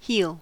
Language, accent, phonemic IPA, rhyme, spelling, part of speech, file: English, US, /hil/, -iːl, heel, noun / verb, En-us-heel.ogg
- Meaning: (noun) 1. The rear part of the foot, where it joins the leg 2. The part of a shoe's sole which supports the foot's heel 3. The rear part of a sock or similar covering for the foot